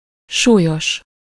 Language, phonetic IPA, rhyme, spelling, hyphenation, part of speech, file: Hungarian, [ˈʃuːjoʃ], -oʃ, súlyos, sú‧lyos, adjective, Hu-súlyos.ogg
- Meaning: 1. heavy 2. severe, massive, serious